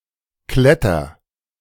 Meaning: inflection of klettern: 1. first-person singular present 2. singular imperative
- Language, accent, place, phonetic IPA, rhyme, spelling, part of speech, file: German, Germany, Berlin, [ˈklɛtɐ], -ɛtɐ, kletter, verb, De-kletter.ogg